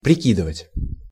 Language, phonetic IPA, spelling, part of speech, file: Russian, [prʲɪˈkʲidɨvətʲ], прикидывать, verb, Ru-прикидывать.ogg
- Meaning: 1. to estimate, to make a rough calculation, to ballpark 2. to gauge, to size up, to weigh up 3. to try on 4. to throw in, to add